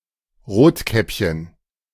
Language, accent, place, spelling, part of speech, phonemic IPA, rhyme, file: German, Germany, Berlin, Rotkäppchen, proper noun, /ˈʁoːtˌkɛpçən/, -ɛpçən, De-Rotkäppchen.ogg
- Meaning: Little Red Riding Hood